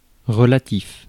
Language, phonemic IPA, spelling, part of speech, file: French, /ʁə.la.tif/, relatif, adjective, Fr-relatif.ogg
- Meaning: 1. relative (connected to or depending on something else) 2. relative (depending on an antecedent)